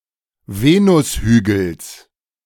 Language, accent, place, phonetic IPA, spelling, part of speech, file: German, Germany, Berlin, [ˈveːnʊsˌhyːɡl̩s], Venushügels, noun, De-Venushügels.ogg
- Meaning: genitive singular of Venushügel